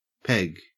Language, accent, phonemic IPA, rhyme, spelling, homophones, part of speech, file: English, Australia, /pɛɡ/, -ɛɡ, Peg, peg, proper noun, En-au-Peg.ogg
- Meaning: 1. A female given name.: Diminutive of Margaret 2. A female given name.: Clipping of Peggy 3. Clipping of Winnipeg (city), usually preceded by "the"